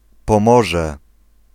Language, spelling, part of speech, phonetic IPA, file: Polish, Pomorze, proper noun, [pɔ̃ˈmɔʒɛ], Pl-Pomorze.ogg